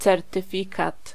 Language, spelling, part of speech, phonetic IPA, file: Polish, certyfikat, noun, [ˌt͡sɛrtɨˈfʲikat], Pl-certyfikat.ogg